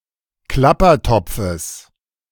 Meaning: genitive of Klappertopf
- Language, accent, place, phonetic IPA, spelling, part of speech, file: German, Germany, Berlin, [ˈklapɐˌtɔp͡fəs], Klappertopfes, noun, De-Klappertopfes.ogg